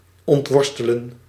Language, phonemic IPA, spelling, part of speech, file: Dutch, /ɔntˈʋɔrs.tə.lə(n)/, ontworstelen, verb, Nl-ontworstelen.ogg
- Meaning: to untangle, wrestle free from